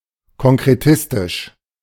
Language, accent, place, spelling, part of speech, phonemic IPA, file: German, Germany, Berlin, konkretistisch, adjective, /kɔŋkʁeˈtɪstɪʃ/, De-konkretistisch.ogg
- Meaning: concretistic